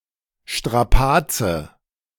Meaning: strain, toil, hassle (arduous bodily or mental exertion and distress)
- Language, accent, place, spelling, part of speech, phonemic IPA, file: German, Germany, Berlin, Strapaze, noun, /ʃtʁaˈpaːtsə/, De-Strapaze.ogg